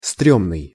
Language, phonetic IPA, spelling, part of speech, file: Russian, [ˈstrʲɵmnɨj], стрёмный, adjective, Ru-стрёмный.ogg
- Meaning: 1. scary, scary-hairy (dangerous) 2. shameful 3. ugly, unattractive; bad, uncool; unpleasant, etc